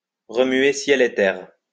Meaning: to move heaven and earth, to leave no stone unturned
- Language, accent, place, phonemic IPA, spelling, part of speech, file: French, France, Lyon, /ʁə.mɥe sjɛl e tɛʁ/, remuer ciel et terre, verb, LL-Q150 (fra)-remuer ciel et terre.wav